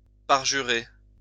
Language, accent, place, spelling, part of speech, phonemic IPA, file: French, France, Lyon, parjurer, verb, /paʁ.ʒy.ʁe/, LL-Q150 (fra)-parjurer.wav
- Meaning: to forswear, abjure